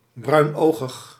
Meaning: brown-eyed
- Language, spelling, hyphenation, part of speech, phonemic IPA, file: Dutch, bruinogig, bruin‧ogig, adjective, /ˌbrœy̯nˈoː.ɣəx/, Nl-bruinogig.ogg